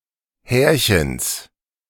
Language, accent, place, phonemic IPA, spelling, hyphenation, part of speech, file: German, Germany, Berlin, /ˈhɛːɐ̯.çəns/, Härchens, Här‧chens, noun, De-Härchens.ogg
- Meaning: genitive of Härchen